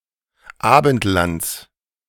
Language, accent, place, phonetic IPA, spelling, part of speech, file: German, Germany, Berlin, [ˈaːbn̩tˌlant͡s], Abendlands, noun, De-Abendlands.ogg
- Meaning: genitive singular of Abendland